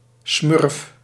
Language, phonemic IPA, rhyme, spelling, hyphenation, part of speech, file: Dutch, /smʏrf/, -ʏrf, smurf, smurf, noun, Nl-smurf.ogg
- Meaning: smurf